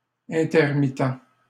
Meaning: Intermittent
- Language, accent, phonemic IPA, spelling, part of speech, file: French, Canada, /ɛ̃.tɛʁ.mi.tɑ̃/, intermittent, adjective, LL-Q150 (fra)-intermittent.wav